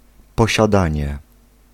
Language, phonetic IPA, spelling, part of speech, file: Polish, [ˌpɔɕaˈdãɲɛ], posiadanie, noun, Pl-posiadanie.ogg